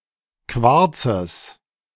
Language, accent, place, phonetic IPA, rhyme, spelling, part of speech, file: German, Germany, Berlin, [ˈkvaʁt͡səs], -aʁt͡səs, Quarzes, noun, De-Quarzes.ogg
- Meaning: genitive singular of Quarz